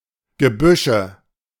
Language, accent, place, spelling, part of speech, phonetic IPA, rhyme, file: German, Germany, Berlin, Gebüsche, noun, [ɡəˈbʏʃə], -ʏʃə, De-Gebüsche.ogg
- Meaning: nominative/accusative/genitive plural of Gebüsch